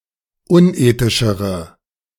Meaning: inflection of unethisch: 1. strong/mixed nominative/accusative feminine singular comparative degree 2. strong nominative/accusative plural comparative degree
- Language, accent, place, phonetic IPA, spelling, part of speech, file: German, Germany, Berlin, [ˈʊnˌʔeːtɪʃəʁə], unethischere, adjective, De-unethischere.ogg